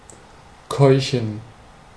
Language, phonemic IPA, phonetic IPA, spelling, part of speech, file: German, /ˈkɔʏ̯çən/, [ˈkɔʏ̯çn̩], keuchen, verb, De-keuchen.ogg
- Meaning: 1. to gasp 2. to pant